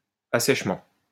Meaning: 1. drainage 2. drying out
- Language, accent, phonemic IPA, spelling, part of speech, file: French, France, /a.sɛʃ.mɑ̃/, assèchement, noun, LL-Q150 (fra)-assèchement.wav